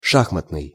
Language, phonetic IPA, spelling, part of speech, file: Russian, [ˈʂaxmətnɨj], шахматный, adjective, Ru-шахматный.ogg
- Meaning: chess